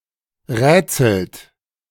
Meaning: inflection of rätseln: 1. second-person plural present 2. third-person singular present 3. plural imperative
- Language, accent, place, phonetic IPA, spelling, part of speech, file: German, Germany, Berlin, [ˈʁɛːt͡sl̩t], rätselt, verb, De-rätselt.ogg